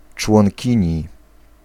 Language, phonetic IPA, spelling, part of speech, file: Polish, [t͡ʃwɔ̃ŋʲˈcĩɲi], członkini, noun, Pl-członkini.ogg